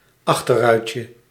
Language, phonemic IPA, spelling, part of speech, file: Dutch, /ˈɑxtərœycə/, achterruitje, noun, Nl-achterruitje.ogg
- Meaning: diminutive of achterruit